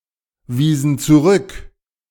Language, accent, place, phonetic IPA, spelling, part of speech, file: German, Germany, Berlin, [ˌviːzn̩ t͡suˈʁʏk], wiesen zurück, verb, De-wiesen zurück.ogg
- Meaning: inflection of zurückweisen: 1. first/third-person plural preterite 2. first/third-person plural subjunctive II